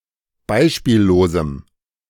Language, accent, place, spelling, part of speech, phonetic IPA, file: German, Germany, Berlin, beispiellosem, adjective, [ˈbaɪ̯ʃpiːlloːzm̩], De-beispiellosem.ogg
- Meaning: strong dative masculine/neuter singular of beispiellos